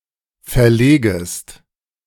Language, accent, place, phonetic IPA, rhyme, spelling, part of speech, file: German, Germany, Berlin, [fɛɐ̯ˈleːɡəst], -eːɡəst, verlegest, verb, De-verlegest.ogg
- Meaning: second-person singular subjunctive I of verlegen